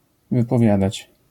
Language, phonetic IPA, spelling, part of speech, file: Polish, [ˌvɨpɔˈvʲjadat͡ɕ], wypowiadać, verb, LL-Q809 (pol)-wypowiadać.wav